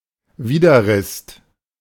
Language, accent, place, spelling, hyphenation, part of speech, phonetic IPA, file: German, Germany, Berlin, Widerrist, Wi‧der‧rist, noun, [ˈviːdɐˌʁɪst], De-Widerrist.ogg
- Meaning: withers (part of the back of a four-legged animal that is between the shoulder blades)